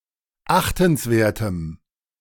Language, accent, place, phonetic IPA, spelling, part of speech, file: German, Germany, Berlin, [ˈaxtn̩sˌveːɐ̯təm], achtenswertem, adjective, De-achtenswertem.ogg
- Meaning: strong dative masculine/neuter singular of achtenswert